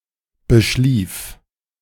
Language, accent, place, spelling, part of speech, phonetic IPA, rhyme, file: German, Germany, Berlin, beschlief, verb, [bəˈʃliːf], -iːf, De-beschlief.ogg
- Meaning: first/third-person singular preterite of beschlafen